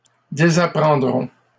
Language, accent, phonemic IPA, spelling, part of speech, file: French, Canada, /de.za.pʁɑ̃.dʁɔ̃/, désapprendront, verb, LL-Q150 (fra)-désapprendront.wav
- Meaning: third-person plural simple future of désapprendre